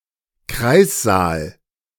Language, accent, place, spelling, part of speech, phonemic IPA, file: German, Germany, Berlin, Kreißsaal, noun, /ˈkʁaɪ̯sˌzaːl/, De-Kreißsaal.ogg
- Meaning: delivery room